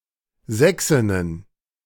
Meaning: plural of Sächsin
- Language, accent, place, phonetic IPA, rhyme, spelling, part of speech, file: German, Germany, Berlin, [ˈzɛksɪnən], -ɛksɪnən, Sächsinnen, noun, De-Sächsinnen.ogg